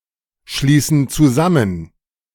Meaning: inflection of zusammenschließen: 1. first/third-person plural present 2. first/third-person plural subjunctive I
- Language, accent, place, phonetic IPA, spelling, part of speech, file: German, Germany, Berlin, [ˌʃliːsn̩ t͡suˈzamən], schließen zusammen, verb, De-schließen zusammen.ogg